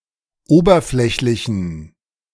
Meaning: inflection of oberflächlich: 1. strong genitive masculine/neuter singular 2. weak/mixed genitive/dative all-gender singular 3. strong/weak/mixed accusative masculine singular 4. strong dative plural
- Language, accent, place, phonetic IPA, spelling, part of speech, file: German, Germany, Berlin, [ˈoːbɐˌflɛçlɪçn̩], oberflächlichen, adjective, De-oberflächlichen.ogg